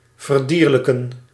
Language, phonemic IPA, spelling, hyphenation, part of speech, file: Dutch, /vərˈdiːr.lə.kə(n)/, verdierlijken, ver‧dier‧lij‧ken, verb, Nl-verdierlijken.ogg
- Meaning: to turn into an animal; to cause, produce or acquire animal or animalesque traits